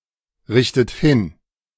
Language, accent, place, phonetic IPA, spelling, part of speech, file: German, Germany, Berlin, [ˌʁɪçtət ˈhɪn], richtet hin, verb, De-richtet hin.ogg
- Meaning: inflection of hinrichten: 1. third-person singular present 2. second-person plural present 3. second-person plural subjunctive I 4. plural imperative